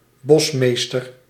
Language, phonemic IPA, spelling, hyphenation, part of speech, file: Dutch, /ˈbɔsˌmeːs.tər/, bosmeester, bos‧mees‧ter, noun, Nl-bosmeester.ogg
- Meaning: 1. a bushmaster, an Atlantic bushmaster, Lachesis muta 2. a forester in charge of supervising wood cutting